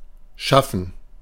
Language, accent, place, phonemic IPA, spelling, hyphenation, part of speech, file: German, Germany, Berlin, /ˈʃafən/, schaffen, schaf‧fen, verb, De-schaffen2.ogg
- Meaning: 1. to create, to call into being 2. to create, make, form, shape 3. to create, produce, bring about, establish 4. to get done, to accomplish, achieve, to succeed with 5. to manage, to make it